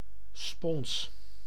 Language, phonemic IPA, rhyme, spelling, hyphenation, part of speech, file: Dutch, /spɔns/, -ɔns, spons, spons, noun, Nl-spons.ogg
- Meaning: sponge